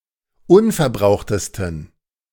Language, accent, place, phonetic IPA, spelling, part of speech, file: German, Germany, Berlin, [ˈʊnfɛɐ̯ˌbʁaʊ̯xtəstn̩], unverbrauchtesten, adjective, De-unverbrauchtesten.ogg
- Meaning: 1. superlative degree of unverbraucht 2. inflection of unverbraucht: strong genitive masculine/neuter singular superlative degree